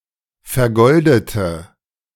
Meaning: inflection of vergoldet: 1. strong/mixed nominative/accusative feminine singular 2. strong nominative/accusative plural 3. weak nominative all-gender singular
- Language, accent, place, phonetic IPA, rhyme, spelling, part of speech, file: German, Germany, Berlin, [fɛɐ̯ˈɡɔldətə], -ɔldətə, vergoldete, adjective / verb, De-vergoldete.ogg